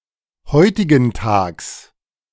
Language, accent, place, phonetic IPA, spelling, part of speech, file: German, Germany, Berlin, [ˈhɔɪ̯tɪɡn̩ˌtaːks], heutigentags, adverb, De-heutigentags.ogg
- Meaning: nowadays